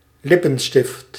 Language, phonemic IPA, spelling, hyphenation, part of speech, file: Dutch, /ˈlɪ.pə(n)ˌstɪft/, lippenstift, lip‧pen‧stift, noun, Nl-lippenstift.ogg
- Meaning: 1. a lipstick 2. the material a lipstick is made of